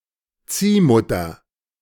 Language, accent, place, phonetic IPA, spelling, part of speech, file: German, Germany, Berlin, [ˈt͡siːˌmʊtɐ], Ziehmutter, noun, De-Ziehmutter.ogg
- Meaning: 1. foster mother 2. (female) mentor